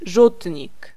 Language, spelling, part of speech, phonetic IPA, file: Polish, rzutnik, noun, [ˈʒutʲɲik], Pl-rzutnik.ogg